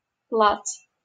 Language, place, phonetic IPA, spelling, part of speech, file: Russian, Saint Petersburg, [pɫat͡s], плац, noun, LL-Q7737 (rus)-плац.wav
- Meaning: parade ground